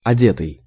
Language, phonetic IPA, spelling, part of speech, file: Russian, [ɐˈdʲetɨj], одетый, verb / adjective, Ru-одетый.ogg
- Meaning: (verb) past passive perfective participle of оде́ть (odétʹ); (adjective) dressed, clothed